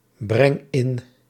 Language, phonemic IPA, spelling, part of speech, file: Dutch, /ˈbrɛŋ ˈɪn/, breng in, verb, Nl-breng in.ogg
- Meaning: inflection of inbrengen: 1. first-person singular present indicative 2. second-person singular present indicative 3. imperative